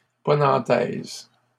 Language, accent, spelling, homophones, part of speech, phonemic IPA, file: French, Canada, ponantaise, ponantaises, adjective, /pɔ.nɑ̃.tɛz/, LL-Q150 (fra)-ponantaise.wav
- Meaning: feminine singular of ponantais